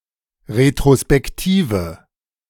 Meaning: inflection of retrospektiv: 1. strong/mixed nominative/accusative feminine singular 2. strong nominative/accusative plural 3. weak nominative all-gender singular
- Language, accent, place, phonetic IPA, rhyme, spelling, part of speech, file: German, Germany, Berlin, [ʁetʁospɛkˈtiːvə], -iːvə, retrospektive, adjective, De-retrospektive.ogg